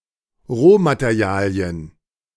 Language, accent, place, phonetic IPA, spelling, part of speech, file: German, Germany, Berlin, [ˈʁoːmateˌʁi̯aːli̯ən], Rohmaterialien, noun, De-Rohmaterialien.ogg
- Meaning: plural of Rohmaterial